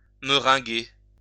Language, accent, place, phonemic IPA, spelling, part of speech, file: French, France, Lyon, /mə.ʁɛ̃.ɡe/, meringuer, verb, LL-Q150 (fra)-meringuer.wav
- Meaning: to cover with a layer of meringue